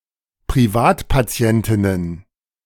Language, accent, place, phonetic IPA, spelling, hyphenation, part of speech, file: German, Germany, Berlin, [pʁiˈvaːtpaˌt͡si̯ɛntɪnən], Privatpatientinnen, Pri‧vat‧pa‧ti‧en‧tin‧nen, noun, De-Privatpatientinnen.ogg
- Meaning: plural of Privatpatientin